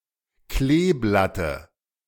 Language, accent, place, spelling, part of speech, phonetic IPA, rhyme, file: German, Germany, Berlin, Kleeblatte, noun, [ˈkleːˌblatə], -eːblatə, De-Kleeblatte.ogg
- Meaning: dative of Kleeblatt